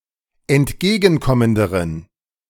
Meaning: inflection of entgegenkommend: 1. strong genitive masculine/neuter singular comparative degree 2. weak/mixed genitive/dative all-gender singular comparative degree
- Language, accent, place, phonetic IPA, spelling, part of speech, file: German, Germany, Berlin, [ɛntˈɡeːɡn̩ˌkɔməndəʁən], entgegenkommenderen, adjective, De-entgegenkommenderen.ogg